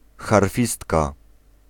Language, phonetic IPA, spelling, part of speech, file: Polish, [xarˈfʲistka], harfistka, noun, Pl-harfistka.ogg